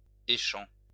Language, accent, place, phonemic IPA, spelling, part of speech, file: French, France, Lyon, /e.ʃɑ̃/, échant, verb, LL-Q150 (fra)-échant.wav
- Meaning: present participle of écher